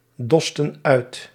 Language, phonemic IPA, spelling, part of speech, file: Dutch, /ˈdɔstə(n) ˈœyt/, dosten uit, verb, Nl-dosten uit.ogg
- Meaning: inflection of uitdossen: 1. plural past indicative 2. plural past subjunctive